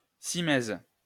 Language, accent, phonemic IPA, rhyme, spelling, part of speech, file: French, France, /si.mɛz/, -ɛz, cimaise, noun, LL-Q150 (fra)-cimaise.wav
- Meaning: 1. cymatium (molding on the cornice) 2. picture rail